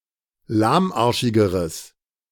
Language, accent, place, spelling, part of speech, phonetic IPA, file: German, Germany, Berlin, lahmarschigeres, adjective, [ˈlaːmˌʔaʁʃɪɡəʁəs], De-lahmarschigeres.ogg
- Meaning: strong/mixed nominative/accusative neuter singular comparative degree of lahmarschig